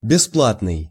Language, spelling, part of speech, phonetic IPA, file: Russian, бесплатный, adjective, [bʲɪˈspɫatnɨj], Ru-бесплатный.ogg
- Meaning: free, gratuitous, rent-free